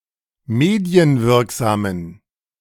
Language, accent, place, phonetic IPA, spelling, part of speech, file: German, Germany, Berlin, [ˈmeːdi̯ənˌvɪʁkzaːmən], medienwirksamen, adjective, De-medienwirksamen.ogg
- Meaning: inflection of medienwirksam: 1. strong genitive masculine/neuter singular 2. weak/mixed genitive/dative all-gender singular 3. strong/weak/mixed accusative masculine singular 4. strong dative plural